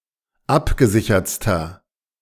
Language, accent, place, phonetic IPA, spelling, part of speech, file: German, Germany, Berlin, [ˈapɡəˌzɪçɐt͡stɐ], abgesichertster, adjective, De-abgesichertster.ogg
- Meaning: inflection of abgesichert: 1. strong/mixed nominative masculine singular superlative degree 2. strong genitive/dative feminine singular superlative degree 3. strong genitive plural superlative degree